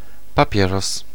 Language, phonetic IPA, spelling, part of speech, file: Polish, [paˈpʲjɛrɔs], papieros, noun, Pl-papieros.ogg